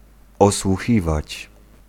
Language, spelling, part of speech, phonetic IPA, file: Polish, osłuchiwać, verb, [ˌɔswuˈxʲivat͡ɕ], Pl-osłuchiwać.ogg